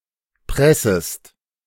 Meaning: second-person singular subjunctive I of pressen
- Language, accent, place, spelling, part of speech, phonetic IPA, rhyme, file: German, Germany, Berlin, pressest, verb, [ˈpʁɛsəst], -ɛsəst, De-pressest.ogg